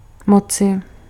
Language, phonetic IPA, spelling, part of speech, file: Czech, [ˈmot͡sɪ], moci, verb / noun, Cs-moci.ogg
- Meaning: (verb) 1. can, be able to 2. may, be allowed to; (noun) inflection of moc: 1. genitive/dative/vocative/locative singular 2. nominative/accusative/vocative plural